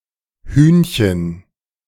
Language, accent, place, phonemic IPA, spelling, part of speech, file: German, Germany, Berlin, /ˈhyːn.çən/, Hühnchen, noun, De-Hühnchen2.ogg
- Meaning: 1. diminutive of Huhn 2. chicken (meat)